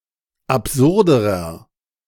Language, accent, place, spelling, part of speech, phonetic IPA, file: German, Germany, Berlin, absurderer, adjective, [apˈzʊʁdəʁɐ], De-absurderer.ogg
- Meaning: inflection of absurd: 1. strong/mixed nominative masculine singular comparative degree 2. strong genitive/dative feminine singular comparative degree 3. strong genitive plural comparative degree